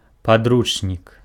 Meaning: textbook, coursebook, manual
- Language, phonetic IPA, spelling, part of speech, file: Belarusian, [paˈdrut͡ʂnʲik], падручнік, noun, Be-падручнік.ogg